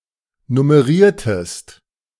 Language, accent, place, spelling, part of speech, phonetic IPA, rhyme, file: German, Germany, Berlin, nummeriertest, verb, [nʊməˈʁiːɐ̯təst], -iːɐ̯təst, De-nummeriertest.ogg
- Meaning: inflection of nummerieren: 1. second-person singular preterite 2. second-person singular subjunctive II